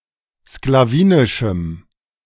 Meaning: strong dative masculine/neuter singular of sklawinisch
- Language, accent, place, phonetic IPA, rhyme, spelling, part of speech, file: German, Germany, Berlin, [sklaˈviːnɪʃm̩], -iːnɪʃm̩, sklawinischem, adjective, De-sklawinischem.ogg